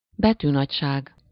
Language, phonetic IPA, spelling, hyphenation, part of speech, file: Hungarian, [ˈbɛtyːnɒcʃaːɡ], betűnagyság, be‧tű‧nagy‧ság, noun, Hu-betűnagyság.ogg
- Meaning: font size